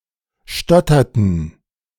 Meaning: inflection of stottern: 1. first/third-person plural preterite 2. first/third-person plural subjunctive II
- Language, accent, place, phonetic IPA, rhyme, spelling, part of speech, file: German, Germany, Berlin, [ˈʃtɔtɐtn̩], -ɔtɐtn̩, stotterten, verb, De-stotterten.ogg